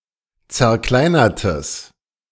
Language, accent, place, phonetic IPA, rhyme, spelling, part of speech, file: German, Germany, Berlin, [t͡sɛɐ̯ˈklaɪ̯nɐtəs], -aɪ̯nɐtəs, zerkleinertes, adjective, De-zerkleinertes.ogg
- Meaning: strong/mixed nominative/accusative neuter singular of zerkleinert